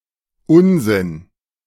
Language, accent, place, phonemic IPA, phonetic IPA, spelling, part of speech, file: German, Germany, Berlin, /ˈʊnzɪn/, [ˈʔʊnzɪn], Unsinn, noun, De-Unsinn.ogg
- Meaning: nonsense